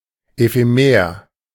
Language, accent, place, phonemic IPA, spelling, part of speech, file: German, Germany, Berlin, /ˌefeˈmeːɐ̯/, ephemer, adjective, De-ephemer.ogg
- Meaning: ephemeral